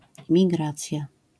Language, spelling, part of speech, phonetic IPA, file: Polish, migracja, noun, [mʲiˈɡrat͡sʲja], LL-Q809 (pol)-migracja.wav